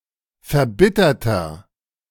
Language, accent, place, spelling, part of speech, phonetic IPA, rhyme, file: German, Germany, Berlin, verbitterter, adjective, [fɛɐ̯ˈbɪtɐtɐ], -ɪtɐtɐ, De-verbitterter.ogg
- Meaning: inflection of verbittert: 1. strong/mixed nominative masculine singular 2. strong genitive/dative feminine singular 3. strong genitive plural